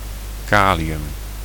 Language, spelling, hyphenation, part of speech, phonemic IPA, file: Dutch, kalium, ka‧li‧um, noun, /ˈkaː.li.ʏm/, Nl-kalium.ogg
- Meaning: potassium